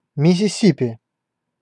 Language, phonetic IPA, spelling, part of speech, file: Russian, [mʲɪsʲɪˈsʲipʲɪ], Миссисипи, proper noun, Ru-Миссисипи.ogg
- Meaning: Mississippi (a state of the United States)